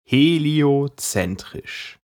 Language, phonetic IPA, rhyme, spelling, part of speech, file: German, [heli̯oˈt͡sɛntʁɪʃ], -ɛntʁɪʃ, heliozentrisch, adjective, De-heliozentrisch.ogg
- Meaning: heliocentric